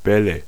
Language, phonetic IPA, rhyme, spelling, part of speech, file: German, [ˈbɛlə], -ɛlə, Bälle, noun, De-Bälle.ogg
- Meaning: nominative/accusative/genitive plural of Ball